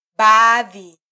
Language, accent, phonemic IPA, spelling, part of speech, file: Swahili, Kenya, /ˈɓɑː.ði/, baadhi, noun, Sw-ke-baadhi.flac
- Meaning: part, portion, some